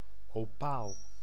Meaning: 1. opal (a mineral consisting, like quartz, of silica, but inferior to quartz in hardness and specific gravity) 2. opal, a stone made of the above mineral
- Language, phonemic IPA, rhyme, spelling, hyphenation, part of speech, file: Dutch, /ɔˈpaːl/, -aːl, opaal, opaal, noun, Nl-opaal.ogg